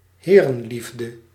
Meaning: male homosexuality, sexual and/or romantic love between men
- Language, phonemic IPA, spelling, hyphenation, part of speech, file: Dutch, /ˈɦeː.rə(n)ˌlif.də/, herenliefde, he‧ren‧lief‧de, noun, Nl-herenliefde.ogg